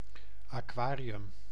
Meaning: 1. aquarium 2. water basin, water tank
- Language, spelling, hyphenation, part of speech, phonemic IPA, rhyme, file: Dutch, aquarium, aqua‧ri‧um, noun, /aːˈkʋaː.ri.ʏm/, -aːriʏm, Nl-aquarium.ogg